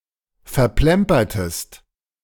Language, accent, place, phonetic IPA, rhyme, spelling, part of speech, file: German, Germany, Berlin, [fɛɐ̯ˈplɛmpɐtəst], -ɛmpɐtəst, verplempertest, verb, De-verplempertest.ogg
- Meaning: inflection of verplempern: 1. second-person singular preterite 2. second-person singular subjunctive II